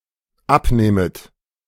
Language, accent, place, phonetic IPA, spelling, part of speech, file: German, Germany, Berlin, [ˈapˌnɛːmət], abnähmet, verb, De-abnähmet.ogg
- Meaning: second-person plural dependent subjunctive II of abnehmen